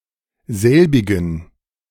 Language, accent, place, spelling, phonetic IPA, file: German, Germany, Berlin, selbigen, [ˈzɛlbɪɡn̩], De-selbigen.ogg
- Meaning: inflection of selbig: 1. strong genitive masculine/neuter singular 2. weak/mixed genitive/dative all-gender singular 3. strong/weak/mixed accusative masculine singular 4. strong dative plural